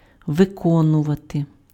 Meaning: to execute, to perform, to carry out, to accomplish, to effectuate
- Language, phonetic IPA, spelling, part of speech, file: Ukrainian, [ʋeˈkɔnʊʋɐte], виконувати, verb, Uk-виконувати.ogg